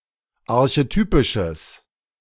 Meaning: strong/mixed nominative/accusative neuter singular of archetypisch
- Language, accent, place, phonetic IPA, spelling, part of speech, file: German, Germany, Berlin, [aʁçeˈtyːpɪʃəs], archetypisches, adjective, De-archetypisches.ogg